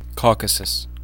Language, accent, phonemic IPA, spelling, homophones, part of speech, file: English, US, /ˈkɔːkəsəs/, Caucasus, caucuses, proper noun, En-us-caucasus.ogg
- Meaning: A mountain range in Eastern Europe between the Black Sea and the Caspian Sea, on territory of Russia, Georgia, Armenia and Azerbaijan, which includes the ranges of Greater Caucasus and Lesser Caucasus